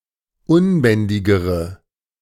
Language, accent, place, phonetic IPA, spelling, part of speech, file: German, Germany, Berlin, [ˈʊnˌbɛndɪɡəʁə], unbändigere, adjective, De-unbändigere.ogg
- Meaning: inflection of unbändig: 1. strong/mixed nominative/accusative feminine singular comparative degree 2. strong nominative/accusative plural comparative degree